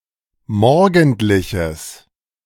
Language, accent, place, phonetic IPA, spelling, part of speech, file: German, Germany, Berlin, [ˈmɔʁɡn̩tlɪçəs], morgendliches, adjective, De-morgendliches.ogg
- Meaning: strong/mixed nominative/accusative neuter singular of morgendlich